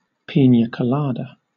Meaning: A cocktail containing rum, pineapple juice, coconut milk and a dash of syrup, blended with crushed ice
- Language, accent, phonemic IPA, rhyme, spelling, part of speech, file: English, Southern England, /ˌpiːnjə koʊˈlɑːdə/, -ɑːdə, piña colada, noun, LL-Q1860 (eng)-piña colada.wav